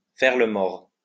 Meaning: 1. to play dead, to play possum (to act as though no longer alive) 2. to lie low; not to keep in touch; not to give any news, not to let people hear from one
- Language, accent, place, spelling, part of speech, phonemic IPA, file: French, France, Lyon, faire le mort, verb, /fɛʁ lə mɔʁ/, LL-Q150 (fra)-faire le mort.wav